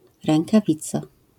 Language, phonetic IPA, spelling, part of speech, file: Polish, [ˌrɛ̃ŋkaˈvʲit͡sa], rękawica, noun, LL-Q809 (pol)-rękawica.wav